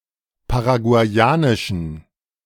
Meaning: inflection of paraguayanisch: 1. strong genitive masculine/neuter singular 2. weak/mixed genitive/dative all-gender singular 3. strong/weak/mixed accusative masculine singular 4. strong dative plural
- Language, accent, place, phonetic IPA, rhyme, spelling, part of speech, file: German, Germany, Berlin, [paʁaɡu̯aɪ̯ˈaːnɪʃn̩], -aːnɪʃn̩, paraguayanischen, adjective, De-paraguayanischen.ogg